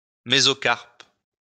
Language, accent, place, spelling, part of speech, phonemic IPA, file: French, France, Lyon, mésocarpe, noun, /me.zɔ.kaʁp/, LL-Q150 (fra)-mésocarpe.wav
- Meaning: mesocarp